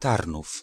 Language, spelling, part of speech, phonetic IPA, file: Polish, Tarnów, proper noun, [ˈtarnuf], Pl-Tarnów.ogg